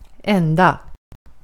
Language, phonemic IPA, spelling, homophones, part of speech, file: Swedish, /²ɛnda/, ända, enda, adverb / noun / verb / adjective, Sv-ända.ogg
- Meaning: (adverb) all the way; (noun) 1. an end (of a string etc.) 2. a butt, a behind; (verb) to end; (adjective) misspelling of enda